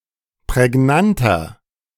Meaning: 1. comparative degree of prägnant 2. inflection of prägnant: strong/mixed nominative masculine singular 3. inflection of prägnant: strong genitive/dative feminine singular
- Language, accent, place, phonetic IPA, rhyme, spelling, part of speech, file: German, Germany, Berlin, [pʁɛˈɡnantɐ], -antɐ, prägnanter, adjective, De-prägnanter.ogg